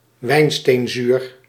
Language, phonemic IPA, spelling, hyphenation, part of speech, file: Dutch, /ˈʋɛi̯n.steːnˌzyːr/, wijnsteenzuur, wijn‧steen‧zuur, noun, Nl-wijnsteenzuur.ogg
- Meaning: 1. tartaric acid 2. levorotartaric acid